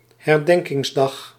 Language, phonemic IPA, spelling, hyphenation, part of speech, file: Dutch, /hɛrˈdɛŋkɪŋzˌdɑx/, herdenkingsdag, her‧den‧kings‧dag, noun, Nl-herdenkingsdag.ogg
- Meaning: remembrance day